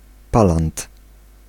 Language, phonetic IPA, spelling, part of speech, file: Polish, [ˈpalãnt], palant, noun, Pl-palant.ogg